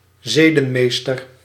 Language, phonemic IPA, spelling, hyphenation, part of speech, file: Dutch, /ˈzeː.də(n)ˌmeːs.tər/, zedenmeester, ze‧den‧mees‧ter, noun, Nl-zedenmeester.ogg
- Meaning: moral guardian